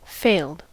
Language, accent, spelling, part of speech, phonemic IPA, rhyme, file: English, US, failed, verb / adjective, /feɪld/, -eɪld, En-us-failed.ogg
- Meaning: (verb) simple past and past participle of fail; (adjective) 1. unsuccessful 2. Decayed; worn out 3. Bankrupt